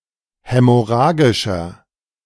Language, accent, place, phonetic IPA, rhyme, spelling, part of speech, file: German, Germany, Berlin, [ˌhɛmɔˈʁaːɡɪʃɐ], -aːɡɪʃɐ, hämorrhagischer, adjective, De-hämorrhagischer.ogg
- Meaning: inflection of hämorrhagisch: 1. strong/mixed nominative masculine singular 2. strong genitive/dative feminine singular 3. strong genitive plural